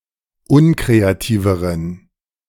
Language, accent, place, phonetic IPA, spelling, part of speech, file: German, Germany, Berlin, [ˈʊnkʁeaˌtiːvəʁən], unkreativeren, adjective, De-unkreativeren.ogg
- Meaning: inflection of unkreativ: 1. strong genitive masculine/neuter singular comparative degree 2. weak/mixed genitive/dative all-gender singular comparative degree